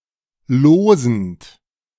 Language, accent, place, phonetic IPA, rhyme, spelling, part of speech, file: German, Germany, Berlin, [ˈloːzn̩t], -oːzn̩t, losend, verb, De-losend.ogg
- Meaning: present participle of losen